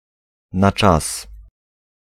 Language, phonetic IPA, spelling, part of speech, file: Polish, [na‿ˈt͡ʃas], na czas, adverbial phrase, Pl-na czas.ogg